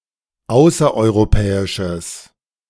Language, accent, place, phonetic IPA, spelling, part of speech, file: German, Germany, Berlin, [ˈaʊ̯sɐʔɔɪ̯ʁoˌpɛːɪʃəs], außereuropäisches, adjective, De-außereuropäisches.ogg
- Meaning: strong/mixed nominative/accusative neuter singular of außereuropäisch